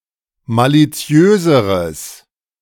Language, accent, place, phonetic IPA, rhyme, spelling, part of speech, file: German, Germany, Berlin, [ˌmaliˈt͡si̯øːzəʁəs], -øːzəʁəs, maliziöseres, adjective, De-maliziöseres.ogg
- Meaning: strong/mixed nominative/accusative neuter singular comparative degree of maliziös